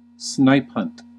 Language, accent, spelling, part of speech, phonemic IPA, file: English, US, snipe hunt, noun / verb, /ˈsnaɪpˌhʌnt/, En-us-snipe hunt.ogg
- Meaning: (noun) A prank in which a gullible victim is sent off on a fruitless search for a nonexistent item; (verb) To participate, as the gullible victim, in a snipe hunt